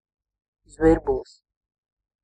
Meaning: sparrow (a number of bird species of the order Passeriformes, genus Passer)
- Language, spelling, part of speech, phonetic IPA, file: Latvian, zvirbulis, noun, [zvīɾbulis], Lv-zvirbulis.ogg